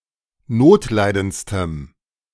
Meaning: strong dative masculine/neuter singular superlative degree of notleidend
- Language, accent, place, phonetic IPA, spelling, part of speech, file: German, Germany, Berlin, [ˈnoːtˌlaɪ̯dənt͡stəm], notleidendstem, adjective, De-notleidendstem.ogg